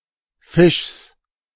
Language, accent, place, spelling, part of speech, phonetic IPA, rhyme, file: German, Germany, Berlin, Fischs, noun, [fɪʃs], -ɪʃs, De-Fischs.ogg
- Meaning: genitive singular of Fisch